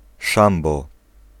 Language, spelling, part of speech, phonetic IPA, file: Polish, szambo, noun, [ˈʃãmbɔ], Pl-szambo.ogg